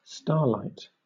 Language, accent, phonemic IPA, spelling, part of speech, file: English, Southern England, /ˈstɑː(ɹ)laɪt/, starlight, noun, LL-Q1860 (eng)-starlight.wav
- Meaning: 1. Light emitted from stars 2. Light emitted from stars.: Light emitted by those other than the Sun